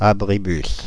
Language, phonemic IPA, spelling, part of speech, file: French, /a.bʁi.bys/, abribus, noun, Fr-abribus.ogg
- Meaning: bus shelter